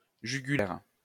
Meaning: 1. jugular (vein) 2. chin strap (on a helmet)
- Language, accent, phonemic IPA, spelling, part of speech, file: French, France, /ʒy.ɡy.lɛʁ/, jugulaire, noun, LL-Q150 (fra)-jugulaire.wav